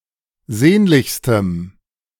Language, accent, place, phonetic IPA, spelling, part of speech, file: German, Germany, Berlin, [ˈzeːnlɪçstəm], sehnlichstem, adjective, De-sehnlichstem.ogg
- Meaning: strong dative masculine/neuter singular superlative degree of sehnlich